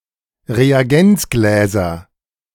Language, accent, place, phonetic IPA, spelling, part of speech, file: German, Germany, Berlin, [ʁeaˈɡɛnt͡sˌɡlɛːzɐ], Reagenzgläser, noun, De-Reagenzgläser.ogg
- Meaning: nominative/accusative/genitive plural of Reagenzglas